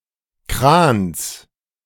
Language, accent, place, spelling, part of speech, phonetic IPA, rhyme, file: German, Germany, Berlin, Krans, noun, [kʁaːns], -aːns, De-Krans.ogg
- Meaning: genitive singular of Kran